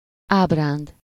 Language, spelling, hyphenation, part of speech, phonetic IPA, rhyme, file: Hungarian, ábránd, áb‧ránd, noun, [ˈaːbraːnd], -aːnd, Hu-ábránd.ogg
- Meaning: 1. fancy, fantasy, reverie, dream, daydream (fanciful series of thoughts not connected to immediate reality) 2. fantasia